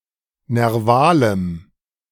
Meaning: strong dative masculine/neuter singular of nerval
- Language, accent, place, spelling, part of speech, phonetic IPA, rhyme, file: German, Germany, Berlin, nervalem, adjective, [nɛʁˈvaːləm], -aːləm, De-nervalem.ogg